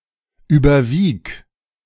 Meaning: singular imperative of überwiegen
- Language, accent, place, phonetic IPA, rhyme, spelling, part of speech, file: German, Germany, Berlin, [ˌyːbɐˈviːk], -iːk, überwieg, verb, De-überwieg.ogg